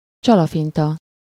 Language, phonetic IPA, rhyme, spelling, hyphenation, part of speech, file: Hungarian, [ˈt͡ʃɒlɒfintɒ], -tɒ, csalafinta, csa‧la‧fin‧ta, adjective, Hu-csalafinta.ogg
- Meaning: crafty, sly, cunning, artful, guileful